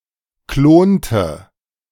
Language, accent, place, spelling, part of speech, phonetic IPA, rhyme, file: German, Germany, Berlin, klonte, verb, [ˈkloːntə], -oːntə, De-klonte.ogg
- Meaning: inflection of klonen: 1. first/third-person singular preterite 2. first/third-person singular subjunctive II